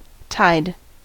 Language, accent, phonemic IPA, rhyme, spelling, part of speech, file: English, US, /taɪd/, -aɪd, tide, noun / verb, En-us-tide.ogg
- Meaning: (noun) 1. The daily fluctuation in the level of the sea caused by the gravitational influence of the moon and the sun 2. The associated flow of water